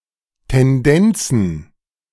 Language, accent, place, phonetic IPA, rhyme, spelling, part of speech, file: German, Germany, Berlin, [tɛnˈdɛnt͡sn̩], -ɛnt͡sn̩, Tendenzen, noun, De-Tendenzen.ogg
- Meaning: plural of Tendenz